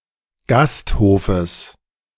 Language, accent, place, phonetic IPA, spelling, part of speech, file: German, Germany, Berlin, [ˈɡastˌhoːfəs], Gasthofes, noun, De-Gasthofes.ogg
- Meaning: genitive singular of Gasthof